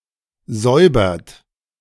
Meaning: inflection of säubern: 1. third-person singular present 2. second-person plural present 3. plural imperative
- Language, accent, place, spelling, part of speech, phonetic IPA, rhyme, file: German, Germany, Berlin, säubert, verb, [ˈzɔɪ̯bɐt], -ɔɪ̯bɐt, De-säubert.ogg